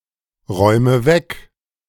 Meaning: inflection of wegräumen: 1. first-person singular present 2. first/third-person singular subjunctive I 3. singular imperative
- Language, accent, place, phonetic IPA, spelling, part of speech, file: German, Germany, Berlin, [ˌʁɔɪ̯mə ˈvɛk], räume weg, verb, De-räume weg.ogg